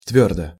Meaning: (adverb) 1. firmly, firm 2. firmly, decidedly, definitely 3. thoroughly; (adjective) short neuter singular of твёрдый (tvjórdyj)
- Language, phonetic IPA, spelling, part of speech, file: Russian, [ˈtvʲɵrdə], твёрдо, adverb / adjective, Ru-твёрдо.ogg